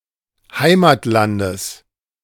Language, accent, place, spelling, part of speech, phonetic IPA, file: German, Germany, Berlin, Heimatlandes, noun, [ˈhaɪ̯maːtˌlandəs], De-Heimatlandes.ogg
- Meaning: genitive singular of Heimatland